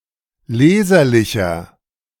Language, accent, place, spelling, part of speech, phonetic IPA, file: German, Germany, Berlin, leserlicher, adjective, [ˈleːzɐlɪçɐ], De-leserlicher.ogg
- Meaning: 1. comparative degree of leserlich 2. inflection of leserlich: strong/mixed nominative masculine singular 3. inflection of leserlich: strong genitive/dative feminine singular